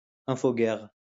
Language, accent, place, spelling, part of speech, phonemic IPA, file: French, France, Lyon, infoguerre, noun, /ɛ̃.fo.ɡɛʁ/, LL-Q150 (fra)-infoguerre.wav
- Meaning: infowar